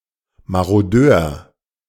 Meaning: marauder (male or of unspecified gender)
- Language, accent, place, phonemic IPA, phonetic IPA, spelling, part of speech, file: German, Germany, Berlin, /maʁoˈdøːʁ/, [maʁoˈdøːɐ̯], Marodeur, noun, De-Marodeur.ogg